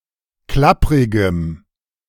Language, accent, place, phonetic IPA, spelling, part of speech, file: German, Germany, Berlin, [ˈklapʁɪɡəm], klapprigem, adjective, De-klapprigem.ogg
- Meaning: strong dative masculine/neuter singular of klapprig